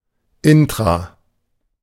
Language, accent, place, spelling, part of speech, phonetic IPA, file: German, Germany, Berlin, intra-, prefix, [ˈɪntʁa], De-intra-.ogg
- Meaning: intra-